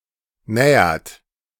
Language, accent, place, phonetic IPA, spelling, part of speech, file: German, Germany, Berlin, [ˈnɛːɐt], nähert, verb, De-nähert.ogg
- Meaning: inflection of nähern: 1. third-person singular present 2. second-person plural present 3. plural imperative